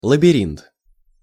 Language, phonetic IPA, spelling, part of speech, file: Russian, [ɫəbʲɪˈrʲint], лабиринт, noun, Ru-лабиринт.ogg
- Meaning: labyrinth, maze